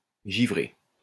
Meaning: 1. to ice up 2. to glaze
- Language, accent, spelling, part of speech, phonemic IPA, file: French, France, givrer, verb, /ʒi.vʁe/, LL-Q150 (fra)-givrer.wav